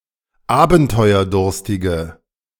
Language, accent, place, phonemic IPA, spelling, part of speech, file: German, Germany, Berlin, /ˈaːbn̩tɔɪ̯ɐˌdʊʁstɪɡə/, abenteuerdurstige, adjective, De-abenteuerdurstige.ogg
- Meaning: inflection of abenteuerdurstig: 1. strong/mixed nominative/accusative feminine singular 2. strong nominative/accusative plural 3. weak nominative all-gender singular